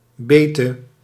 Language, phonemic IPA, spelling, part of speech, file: Dutch, /ˈbetə/, bete, noun, Nl-bete.ogg
- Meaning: singular past subjunctive of bijten